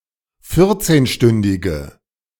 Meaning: inflection of vierzehnstündig: 1. strong/mixed nominative/accusative feminine singular 2. strong nominative/accusative plural 3. weak nominative all-gender singular
- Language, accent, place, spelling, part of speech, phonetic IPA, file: German, Germany, Berlin, vierzehnstündige, adjective, [ˈfɪʁt͡seːnˌʃtʏndɪɡə], De-vierzehnstündige.ogg